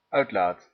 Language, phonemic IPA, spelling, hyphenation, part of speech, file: Dutch, /ˈœy̯tlaːt/, uitlaat, uit‧laat, noun / verb, Nl-uitlaat.ogg
- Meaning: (noun) 1. exhaust, system through which burned gases, steam etc. are vented or otherwise discharged; especially used for a car exhaust 2. any outlet, to relieve pressure, literally and figuratively